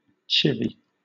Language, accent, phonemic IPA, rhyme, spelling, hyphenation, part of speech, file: English, Southern England, /ˈt͡ʃɪvi/, -ɪvi, chivvy, chiv‧vy, verb / noun, LL-Q1860 (eng)-chivvy.wav
- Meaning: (verb) 1. To coerce or hurry along, as by persistent request 2. To subject to harassment or verbal abuse 3. To sneak up on or rapidly approach 4. To pursue as in a hunt